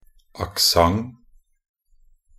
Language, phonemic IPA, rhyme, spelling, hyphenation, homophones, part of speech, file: Norwegian Bokmål, /akˈsaŋ/, -aŋ, accent, ac‧cent, aksent, noun, Nb-accent.ogg
- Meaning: 1. alternative spelling of aksent (“accent”) 2. only used in accent aigu (“acute accent”) 3. only used in accent circonflexe (“circumflex”) 4. only used in accent grave (“grave accent”)